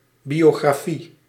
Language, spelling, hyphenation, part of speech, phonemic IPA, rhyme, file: Dutch, biografie, bio‧gra‧fie, noun, /ˌbi(j)oːɣraːˈfi/, -i, Nl-biografie.ogg
- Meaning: biography